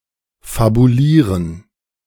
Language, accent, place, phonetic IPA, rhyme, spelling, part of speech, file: German, Germany, Berlin, [fabuˈliːʁən], -iːʁən, fabulieren, verb, De-fabulieren.ogg
- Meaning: to fabulate, tell stories